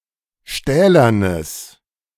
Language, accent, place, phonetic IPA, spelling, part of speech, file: German, Germany, Berlin, [ˈʃtɛːlɐnəs], stählernes, adjective, De-stählernes.ogg
- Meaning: strong/mixed nominative/accusative neuter singular of stählern